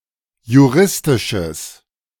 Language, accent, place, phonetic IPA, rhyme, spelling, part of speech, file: German, Germany, Berlin, [juˈʁɪstɪʃəs], -ɪstɪʃəs, juristisches, adjective, De-juristisches.ogg
- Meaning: strong/mixed nominative/accusative neuter singular of juristisch